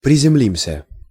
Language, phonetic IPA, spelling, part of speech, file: Russian, [prʲɪzʲɪˈmlʲimsʲə], приземлимся, verb, Ru-приземлимся.ogg
- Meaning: first-person plural future indicative perfective of приземли́ться (prizemlítʹsja)